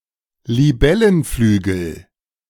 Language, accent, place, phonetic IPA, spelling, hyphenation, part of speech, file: German, Germany, Berlin, [liˈbɛlənˌflyːɡl̩], Libellenflügel, Li‧bel‧len‧flü‧gel, noun, De-Libellenflügel.ogg
- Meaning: dragonfly wing